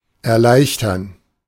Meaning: 1. to facilitate, make easier 2. to ease 3. to simplify 4. to relieve oneself
- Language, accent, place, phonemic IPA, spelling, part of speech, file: German, Germany, Berlin, /ʔɛɐ̯ˈlaɪ̯çtɐn/, erleichtern, verb, De-erleichtern.ogg